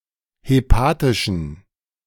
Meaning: inflection of hepatisch: 1. strong genitive masculine/neuter singular 2. weak/mixed genitive/dative all-gender singular 3. strong/weak/mixed accusative masculine singular 4. strong dative plural
- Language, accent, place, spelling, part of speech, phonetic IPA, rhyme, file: German, Germany, Berlin, hepatischen, adjective, [heˈpaːtɪʃn̩], -aːtɪʃn̩, De-hepatischen.ogg